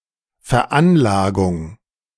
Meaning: 1. assessment 2. disposition
- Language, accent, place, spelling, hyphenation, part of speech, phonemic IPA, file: German, Germany, Berlin, Veranlagung, Ver‧an‧la‧gung, noun, /fɛɐ̯ˈʔanlaːɡʊŋ/, De-Veranlagung.ogg